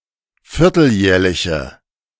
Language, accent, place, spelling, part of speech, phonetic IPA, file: German, Germany, Berlin, vierteljährliche, adjective, [ˈfɪʁtl̩ˌjɛːɐ̯lɪçə], De-vierteljährliche.ogg
- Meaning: inflection of vierteljährlich: 1. strong/mixed nominative/accusative feminine singular 2. strong nominative/accusative plural 3. weak nominative all-gender singular